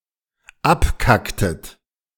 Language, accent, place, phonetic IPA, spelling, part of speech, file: German, Germany, Berlin, [ˈapˌkaktət], abkacktet, verb, De-abkacktet.ogg
- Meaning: inflection of abkacken: 1. second-person plural dependent preterite 2. second-person plural dependent subjunctive II